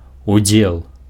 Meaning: part, participation
- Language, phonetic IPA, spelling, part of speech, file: Belarusian, [uˈd͡zʲeɫ], удзел, noun, Be-удзел.ogg